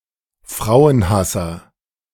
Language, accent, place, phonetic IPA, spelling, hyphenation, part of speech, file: German, Germany, Berlin, [ˈfʁaʊ̯ənˌhasɐ], Frauenhasser, Frau‧en‧has‧ser, noun, De-Frauenhasser.ogg
- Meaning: misogynist